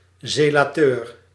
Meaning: 1. a male member of a Roman Catholic fraternity or lay organisation 2. a propagator or zealot
- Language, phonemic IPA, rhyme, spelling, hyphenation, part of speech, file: Dutch, /ˌzeː.laːˈtøːr/, -øːr, zelateur, ze‧la‧teur, noun, Nl-zelateur.ogg